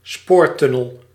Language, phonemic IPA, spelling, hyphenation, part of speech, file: Dutch, /ˈspoːrˌtʏ.nəl/, spoortunnel, spoor‧tun‧nel, noun, Nl-spoortunnel.ogg
- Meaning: railway tunnel